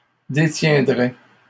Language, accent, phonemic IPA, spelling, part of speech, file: French, Canada, /de.tjɛ̃.dʁɛ/, détiendrais, verb, LL-Q150 (fra)-détiendrais.wav
- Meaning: first/second-person singular conditional of détenir